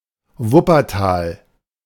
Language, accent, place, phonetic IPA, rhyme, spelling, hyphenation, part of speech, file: German, Germany, Berlin, [ˈvʊpɐˌtaːl], -aːl, Wuppertal, Wup‧per‧tal, proper noun, De-Wuppertal.ogg
- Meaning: Wuppertal (an independent city in North Rhine-Westphalia, Germany)